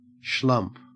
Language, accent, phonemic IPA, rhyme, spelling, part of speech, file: English, Australia, /ʃlʌmp/, -ʌmp, schlump, noun / verb, En-au-schlump.ogg
- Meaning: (noun) Someone who is lazy, slovenly, or dull-looking; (verb) To move in a heavy, lazy or slovenly way